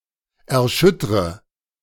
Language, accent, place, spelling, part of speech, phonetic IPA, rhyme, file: German, Germany, Berlin, erschüttre, verb, [ɛɐ̯ˈʃʏtʁə], -ʏtʁə, De-erschüttre.ogg
- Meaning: inflection of erschüttern: 1. first-person singular present 2. first/third-person singular subjunctive I 3. singular imperative